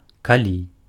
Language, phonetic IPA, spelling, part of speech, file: Belarusian, [kaˈlʲi], калі, conjunction / adverb, Be-калі.ogg
- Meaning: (conjunction) if, in case; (adverb) when